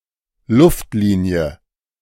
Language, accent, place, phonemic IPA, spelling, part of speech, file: German, Germany, Berlin, /ˈlʊftˌliːni̯ə/, Luftlinie, noun, De-Luftlinie.ogg
- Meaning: beeline; distance as the crow flies